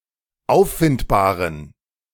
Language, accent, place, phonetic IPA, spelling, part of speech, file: German, Germany, Berlin, [ˈaʊ̯ffɪntbaːʁən], auffindbaren, adjective, De-auffindbaren.ogg
- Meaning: inflection of auffindbar: 1. strong genitive masculine/neuter singular 2. weak/mixed genitive/dative all-gender singular 3. strong/weak/mixed accusative masculine singular 4. strong dative plural